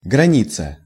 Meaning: border, boundary, bounds, confines, frontier
- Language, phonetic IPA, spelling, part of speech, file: Russian, [ɡrɐˈnʲit͡sə], граница, noun, Ru-граница.ogg